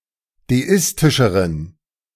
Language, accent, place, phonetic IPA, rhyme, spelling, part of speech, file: German, Germany, Berlin, [deˈɪstɪʃəʁən], -ɪstɪʃəʁən, deistischeren, adjective, De-deistischeren.ogg
- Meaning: inflection of deistisch: 1. strong genitive masculine/neuter singular comparative degree 2. weak/mixed genitive/dative all-gender singular comparative degree